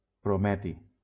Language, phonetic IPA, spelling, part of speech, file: Catalan, [pɾoˈmɛ.ti], prometi, noun, LL-Q7026 (cat)-prometi.wav
- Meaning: promethium